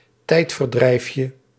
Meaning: diminutive of tijdverdrijf
- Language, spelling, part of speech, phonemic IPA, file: Dutch, tijdverdrijfje, noun, /ˈtɛitfərˌdrɛifjə/, Nl-tijdverdrijfje.ogg